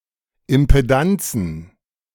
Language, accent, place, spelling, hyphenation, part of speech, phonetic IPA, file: German, Germany, Berlin, Impedanzen, Im‧pe‧dan‧zen, noun, [ɪmpeˈdant͡sn̩], De-Impedanzen.ogg
- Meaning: plural of Impedanz